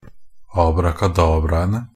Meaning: definite plural of abrakadabra
- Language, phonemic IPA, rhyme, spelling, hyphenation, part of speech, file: Norwegian Bokmål, /ɑːbrakaˈdɑːbraənə/, -ənə, abrakadabraene, ab‧ra‧ka‧dab‧ra‧en‧e, noun, NB - Pronunciation of Norwegian Bokmål «abrakadabraene».ogg